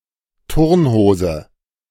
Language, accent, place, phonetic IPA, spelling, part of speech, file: German, Germany, Berlin, [ˈtʊʁnˌhoːzə], Turnhose, noun, De-Turnhose.ogg
- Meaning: gym shorts